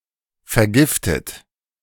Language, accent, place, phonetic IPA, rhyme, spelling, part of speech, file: German, Germany, Berlin, [fɛɐ̯ˈɡɪftət], -ɪftət, vergiftet, adjective / verb, De-vergiftet.ogg
- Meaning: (verb) past participle of vergiften; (adjective) poisoned; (verb) inflection of vergiften: 1. third-person singular present 2. second-person plural present 3. second-person plural subjunctive I